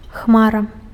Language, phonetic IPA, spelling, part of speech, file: Belarusian, [ˈxmara], хмара, noun, Be-хмара.ogg
- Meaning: cloud